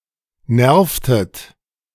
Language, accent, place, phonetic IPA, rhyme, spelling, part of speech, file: German, Germany, Berlin, [ˈnɛʁftət], -ɛʁftət, nervtet, verb, De-nervtet.ogg
- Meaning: inflection of nerven: 1. second-person plural preterite 2. second-person plural subjunctive II